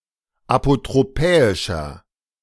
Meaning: 1. comparative degree of apotropäisch 2. inflection of apotropäisch: strong/mixed nominative masculine singular 3. inflection of apotropäisch: strong genitive/dative feminine singular
- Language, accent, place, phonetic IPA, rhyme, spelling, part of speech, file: German, Germany, Berlin, [apotʁoˈpɛːɪʃɐ], -ɛːɪʃɐ, apotropäischer, adjective, De-apotropäischer.ogg